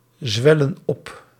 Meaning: inflection of opzwellen: 1. plural present indicative 2. plural present subjunctive
- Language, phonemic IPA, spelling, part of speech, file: Dutch, /ˈzwɛlə(n) ˈɔp/, zwellen op, verb, Nl-zwellen op.ogg